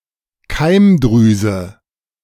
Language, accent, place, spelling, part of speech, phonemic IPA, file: German, Germany, Berlin, Keimdrüse, noun, /ˈkaɪ̯mˌdʁyːzə/, De-Keimdrüse.ogg
- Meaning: gonad